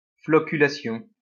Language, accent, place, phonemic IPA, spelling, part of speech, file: French, France, Lyon, /flɔ.ky.la.sjɔ̃/, floculation, noun, LL-Q150 (fra)-floculation.wav
- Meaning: flocculation